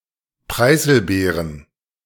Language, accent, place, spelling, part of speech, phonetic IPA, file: German, Germany, Berlin, Preiselbeeren, noun, [ˈpʁaɪ̯zl̩ˌbeːʁən], De-Preiselbeeren.ogg
- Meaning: plural of Preiselbeere "lingonberries"